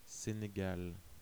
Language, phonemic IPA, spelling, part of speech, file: French, /se.ne.ɡal/, Sénégal, proper noun, Fr-Sénégal.ogg
- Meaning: Senegal (a country in West Africa)